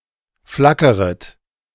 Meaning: second-person plural subjunctive I of flackern
- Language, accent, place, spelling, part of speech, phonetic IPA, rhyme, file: German, Germany, Berlin, flackeret, verb, [ˈflakəʁət], -akəʁət, De-flackeret.ogg